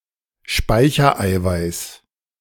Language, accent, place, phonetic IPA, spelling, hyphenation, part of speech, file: German, Germany, Berlin, [ˈʃpaɪ̯çɐˌaɪ̯vaɪ̯s], Speichereiweiß, Spei‧cher‧ei‧weiß, noun, De-Speichereiweiß.ogg
- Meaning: storage protein